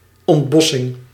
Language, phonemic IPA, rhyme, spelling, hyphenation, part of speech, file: Dutch, /ɔntˈbɔ.sɪŋ/, -ɔsɪŋ, ontbossing, ont‧bos‧sing, noun, Nl-ontbossing.ogg
- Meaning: deforestation